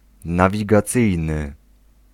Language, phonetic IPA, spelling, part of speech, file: Polish, [ˌnavʲiɡaˈt͡sɨjnɨ], nawigacyjny, adjective, Pl-nawigacyjny.ogg